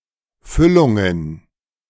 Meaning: plural of Füllung
- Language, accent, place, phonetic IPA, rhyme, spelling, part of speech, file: German, Germany, Berlin, [ˈfʏlʊŋən], -ʏlʊŋən, Füllungen, noun, De-Füllungen.ogg